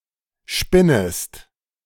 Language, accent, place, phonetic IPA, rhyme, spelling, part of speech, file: German, Germany, Berlin, [ˈʃpɪnəst], -ɪnəst, spinnest, verb, De-spinnest.ogg
- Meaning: second-person singular subjunctive I of spinnen